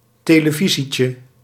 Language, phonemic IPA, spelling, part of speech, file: Dutch, /ˌteləˈvizicə/, televisietje, noun, Nl-televisietje.ogg
- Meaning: diminutive of televisie